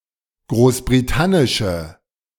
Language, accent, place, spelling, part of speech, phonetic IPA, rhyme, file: German, Germany, Berlin, großbritannische, adjective, [ˌɡʁoːsbʁiˈtanɪʃə], -anɪʃə, De-großbritannische.ogg
- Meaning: inflection of großbritannisch: 1. strong/mixed nominative/accusative feminine singular 2. strong nominative/accusative plural 3. weak nominative all-gender singular